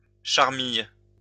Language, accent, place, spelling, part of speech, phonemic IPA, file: French, France, Lyon, charmille, noun, /ʃaʁ.mij/, LL-Q150 (fra)-charmille.wav
- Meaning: bower, arbor